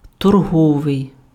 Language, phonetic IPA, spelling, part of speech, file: Ukrainian, [tɔrˈɦɔʋei̯], торговий, adjective, Uk-торговий.ogg
- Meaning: trade (attributive), trading, commercial, mercantile